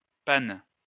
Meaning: inflection of paner: 1. first/third-person singular present indicative/subjunctive 2. second-person singular imperative
- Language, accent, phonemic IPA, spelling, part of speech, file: French, France, /pan/, pane, verb, LL-Q150 (fra)-pane.wav